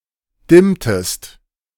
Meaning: inflection of dimmen: 1. second-person singular preterite 2. second-person singular subjunctive II
- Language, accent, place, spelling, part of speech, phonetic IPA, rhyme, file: German, Germany, Berlin, dimmtest, verb, [ˈdɪmtəst], -ɪmtəst, De-dimmtest.ogg